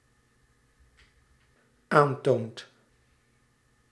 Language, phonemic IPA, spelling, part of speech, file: Dutch, /ˈantont/, aantoont, verb, Nl-aantoont.ogg
- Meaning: second/third-person singular dependent-clause present indicative of aantonen